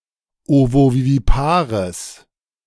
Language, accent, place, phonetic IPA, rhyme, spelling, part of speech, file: German, Germany, Berlin, [ˌovoviviˈpaːʁəs], -aːʁəs, ovovivipares, adjective, De-ovovivipares.ogg
- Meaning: strong/mixed nominative/accusative neuter singular of ovovivipar